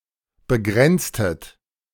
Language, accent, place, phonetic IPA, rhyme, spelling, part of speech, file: German, Germany, Berlin, [bəˈɡʁɛnt͡stət], -ɛnt͡stət, begrenztet, verb, De-begrenztet.ogg
- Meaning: inflection of begrenzen: 1. second-person plural preterite 2. second-person plural subjunctive II